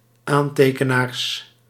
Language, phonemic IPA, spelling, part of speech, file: Dutch, /ˈantekənars/, aantekenaars, noun, Nl-aantekenaars.ogg
- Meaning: plural of aantekenaar